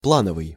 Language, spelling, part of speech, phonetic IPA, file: Russian, плановый, adjective, [ˈpɫanəvɨj], Ru-плановый.ogg
- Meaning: 1. plan, planning 2. target; systematic, planned 3. routine